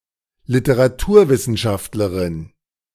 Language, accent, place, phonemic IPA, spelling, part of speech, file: German, Germany, Berlin, /lɪtəʁaˈtuːɐ̯ˌvɪsn̩ʃaftləʁɪn/, Literaturwissenschaftlerin, noun, De-Literaturwissenschaftlerin.ogg
- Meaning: female equivalent of Literaturwissenschaftler (“literary scholar”)